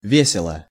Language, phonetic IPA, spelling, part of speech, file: Russian, [ˈvʲesʲɪɫə], весело, adverb / adjective, Ru-весело.ogg
- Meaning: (adverb) merrily, cheerfully; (adjective) 1. one is happy, cheerful, convivial, hilarious, merry, bright, jolly, gleeful, lighthearted 2. it is funny 3. short neuter singular of весёлый (vesjólyj)